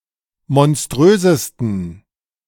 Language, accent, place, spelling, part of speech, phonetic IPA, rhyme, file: German, Germany, Berlin, monströsesten, adjective, [mɔnˈstʁøːzəstn̩], -øːzəstn̩, De-monströsesten.ogg
- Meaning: 1. superlative degree of monströs 2. inflection of monströs: strong genitive masculine/neuter singular superlative degree